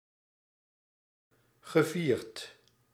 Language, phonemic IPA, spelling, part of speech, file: Dutch, /ɣəˈvirt/, gevierd, verb / adjective, Nl-gevierd.ogg
- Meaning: past participle of vieren